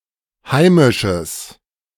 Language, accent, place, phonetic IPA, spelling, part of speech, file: German, Germany, Berlin, [ˈhaɪ̯mɪʃəs], heimisches, adjective, De-heimisches.ogg
- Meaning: strong/mixed nominative/accusative neuter singular of heimisch